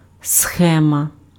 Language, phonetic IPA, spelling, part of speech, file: Ukrainian, [ˈsxɛmɐ], схема, noun, Uk-схема.ogg
- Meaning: 1. scheme, layout, plan, outline 2. scheme, diagram 3. circuit 4. stereotyped pattern, pattern